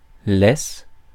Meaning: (noun) 1. leash, lead 2. foreshore 3. laisse; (verb) inflection of laisser: 1. first/third-person singular present indicative/subjunctive 2. second-person singular imperative
- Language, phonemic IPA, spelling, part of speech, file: French, /lɛs/, laisse, noun / verb, Fr-laisse.ogg